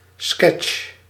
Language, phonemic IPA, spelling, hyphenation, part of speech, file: Dutch, /skɛtʃ/, sketch, sketch, noun, Nl-sketch.ogg
- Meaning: sketch, skit (short comic work)